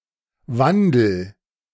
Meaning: inflection of wandeln: 1. first-person singular present 2. singular imperative
- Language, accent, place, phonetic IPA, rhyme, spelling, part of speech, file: German, Germany, Berlin, [ˈvandl̩], -andl̩, wandel, verb, De-wandel.ogg